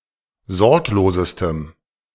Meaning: strong dative masculine/neuter singular superlative degree of sorglos
- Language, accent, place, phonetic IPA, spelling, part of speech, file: German, Germany, Berlin, [ˈzɔʁkloːzəstəm], sorglosestem, adjective, De-sorglosestem.ogg